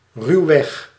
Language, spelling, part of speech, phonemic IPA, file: Dutch, ruwweg, adverb, /ˈrywɛx/, Nl-ruwweg.ogg
- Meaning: roughly